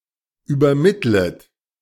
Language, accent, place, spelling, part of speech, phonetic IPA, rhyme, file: German, Germany, Berlin, übermittlet, verb, [yːbɐˈmɪtlət], -ɪtlət, De-übermittlet.ogg
- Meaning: second-person plural subjunctive I of übermitteln